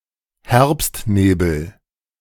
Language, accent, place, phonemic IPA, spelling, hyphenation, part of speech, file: German, Germany, Berlin, /ˈhɛʁpstneːbl̩/, Herbstnebel, Herbst‧ne‧bel, noun, De-Herbstnebel.ogg
- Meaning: autumn fog